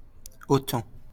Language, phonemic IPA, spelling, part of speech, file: French, /o.tɑ̃/, autan, noun, LL-Q150 (fra)-autan.wav
- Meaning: Either of two winds that blow in parts of southern France